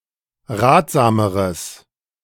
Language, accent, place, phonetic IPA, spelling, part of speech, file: German, Germany, Berlin, [ˈʁaːtz̥aːməʁəs], ratsameres, adjective, De-ratsameres.ogg
- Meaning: strong/mixed nominative/accusative neuter singular comparative degree of ratsam